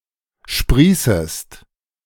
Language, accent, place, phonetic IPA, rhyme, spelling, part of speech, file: German, Germany, Berlin, [ˈʃpʁiːsəst], -iːsəst, sprießest, verb, De-sprießest.ogg
- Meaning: second-person singular subjunctive I of sprießen